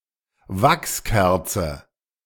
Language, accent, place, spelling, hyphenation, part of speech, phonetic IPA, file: German, Germany, Berlin, Wachskerze, Wachs‧ker‧ze, noun, [ˈvaksˌkɛʁt͡sə], De-Wachskerze.ogg
- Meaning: wax candle